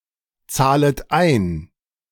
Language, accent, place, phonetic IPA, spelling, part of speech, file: German, Germany, Berlin, [ˌt͡saːlət ˈaɪ̯n], zahlet ein, verb, De-zahlet ein.ogg
- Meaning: second-person plural subjunctive I of einzahlen